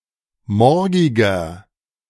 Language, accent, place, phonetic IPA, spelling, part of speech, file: German, Germany, Berlin, [ˈmɔʁɡɪɡɐ], morgiger, adjective, De-morgiger.ogg
- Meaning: inflection of morgig: 1. strong/mixed nominative masculine singular 2. strong genitive/dative feminine singular 3. strong genitive plural